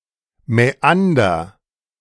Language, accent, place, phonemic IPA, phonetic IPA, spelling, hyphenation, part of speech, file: German, Germany, Berlin, /mɛˈandɐ/, [mɛˈʔan.dɐ], Mäander, Mä‧an‧der, noun, De-Mäander.ogg
- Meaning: meander (one of a series of regular sinuous curves, bends, loops, turns, or windings in the channel of a river, stream, or other watercourse)